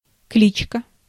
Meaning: 1. name (of an animal) 2. nickname, alias
- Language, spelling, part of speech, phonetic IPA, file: Russian, кличка, noun, [ˈklʲit͡ɕkə], Ru-кличка.ogg